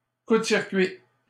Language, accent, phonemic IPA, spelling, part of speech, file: French, Canada, /ku d(ə) siʁ.kɥi/, coup de circuit, noun, LL-Q150 (fra)-coup de circuit.wav
- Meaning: home run